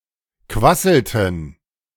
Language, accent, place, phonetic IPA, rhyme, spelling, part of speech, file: German, Germany, Berlin, [ˈkvasl̩tn̩], -asl̩tn̩, quasselten, verb, De-quasselten.ogg
- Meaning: inflection of quasseln: 1. first/third-person plural preterite 2. first/third-person plural subjunctive II